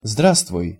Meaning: hello
- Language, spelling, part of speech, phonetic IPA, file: Russian, здравствуй, interjection, [ˈzdrastvʊj], Ru-здравствуй.ogg